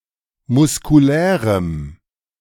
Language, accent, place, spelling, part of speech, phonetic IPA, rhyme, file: German, Germany, Berlin, muskulärem, adjective, [mʊskuˈlɛːʁəm], -ɛːʁəm, De-muskulärem.ogg
- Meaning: strong dative masculine/neuter singular of muskulär